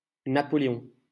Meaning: 1. Napoleon (Bonaparte) 2. a male given name; rare today
- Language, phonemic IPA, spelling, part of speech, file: French, /na.pɔ.le.ɔ̃/, Napoléon, proper noun, LL-Q150 (fra)-Napoléon.wav